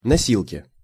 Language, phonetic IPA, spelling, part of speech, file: Russian, [nɐˈsʲiɫkʲɪ], носилки, noun, Ru-носилки.ogg
- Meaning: stretcher (simple litter designed to carry a sick, injured, or dead person)